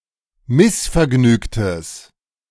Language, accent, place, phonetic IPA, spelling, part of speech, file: German, Germany, Berlin, [ˈmɪsfɛɐ̯ˌɡnyːktəs], missvergnügtes, adjective, De-missvergnügtes.ogg
- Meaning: strong/mixed nominative/accusative neuter singular of missvergnügt